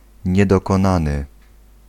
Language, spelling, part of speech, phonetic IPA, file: Polish, niedokonany, adjective / verb, [ˌɲɛdɔkɔ̃ˈnãnɨ], Pl-niedokonany.ogg